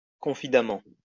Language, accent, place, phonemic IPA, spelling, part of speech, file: French, France, Lyon, /kɔ̃.fi.da.mɑ̃/, confidemment, adverb, LL-Q150 (fra)-confidemment.wav
- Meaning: confidently